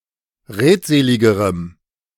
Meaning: strong dative masculine/neuter singular comparative degree of redselig
- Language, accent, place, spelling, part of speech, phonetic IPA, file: German, Germany, Berlin, redseligerem, adjective, [ˈʁeːtˌzeːlɪɡəʁəm], De-redseligerem.ogg